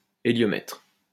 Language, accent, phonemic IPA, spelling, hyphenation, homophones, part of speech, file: French, France, /e.ljɔ.mɛtʁ/, héliomètre, hé‧lio‧mètre, héliomètres, noun, LL-Q150 (fra)-héliomètre.wav
- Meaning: heliometer